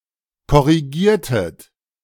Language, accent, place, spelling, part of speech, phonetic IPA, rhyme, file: German, Germany, Berlin, korrigiertet, verb, [kɔʁiˈɡiːɐ̯tət], -iːɐ̯tət, De-korrigiertet.ogg
- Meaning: inflection of korrigieren: 1. second-person plural preterite 2. second-person plural subjunctive II